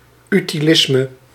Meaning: utilitarianism
- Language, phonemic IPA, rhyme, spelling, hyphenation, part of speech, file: Dutch, /ˌy.tiˈlɪs.mə/, -ɪsmə, utilisme, uti‧lis‧me, noun, Nl-utilisme.ogg